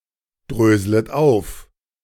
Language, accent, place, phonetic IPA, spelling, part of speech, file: German, Germany, Berlin, [ˌdʁøːzlət ˈaʊ̯f], dröslet auf, verb, De-dröslet auf.ogg
- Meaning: second-person plural subjunctive I of aufdröseln